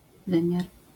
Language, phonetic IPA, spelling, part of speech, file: Polish, [ˈvɨ̃mʲjar], wymiar, noun, LL-Q809 (pol)-wymiar.wav